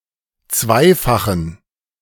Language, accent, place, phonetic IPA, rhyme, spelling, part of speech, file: German, Germany, Berlin, [ˈt͡svaɪ̯faxn̩], -aɪ̯faxn̩, zweifachen, adjective, De-zweifachen.ogg
- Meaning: inflection of zweifach: 1. strong genitive masculine/neuter singular 2. weak/mixed genitive/dative all-gender singular 3. strong/weak/mixed accusative masculine singular 4. strong dative plural